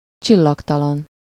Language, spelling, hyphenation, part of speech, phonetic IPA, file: Hungarian, csillagtalan, csil‧lag‧ta‧lan, adjective, [ˈt͡ʃilːɒktɒlɒn], Hu-csillagtalan.ogg
- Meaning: starless (without visible stars)